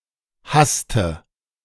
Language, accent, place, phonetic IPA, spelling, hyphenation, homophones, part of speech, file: German, Germany, Berlin, [ˈhastə], hasste, hass‧te, haste, verb, De-hasste.ogg
- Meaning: inflection of hassen: 1. first/third-person singular preterite 2. first/third-person singular subjunctive II